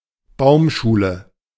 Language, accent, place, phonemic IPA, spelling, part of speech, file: German, Germany, Berlin, /ˈbaʊ̯mˌʃuːlə/, Baumschule, noun, De-Baumschule.ogg
- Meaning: nursery